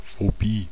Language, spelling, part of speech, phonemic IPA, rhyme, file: German, Phobie, noun, /foˈbiː/, -iː, De-Phobie.ogg
- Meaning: phobia